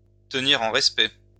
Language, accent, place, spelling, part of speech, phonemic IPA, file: French, France, Lyon, tenir en respect, verb, /tə.ni.ʁ‿ɑ̃ ʁɛs.pɛ/, LL-Q150 (fra)-tenir en respect.wav
- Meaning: to keep at bay